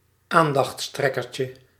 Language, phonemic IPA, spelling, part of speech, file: Dutch, /ˈandɑx(t)sˌtrɛkərcə/, aandachtstrekkertje, noun, Nl-aandachtstrekkertje.ogg
- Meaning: diminutive of aandachtstrekker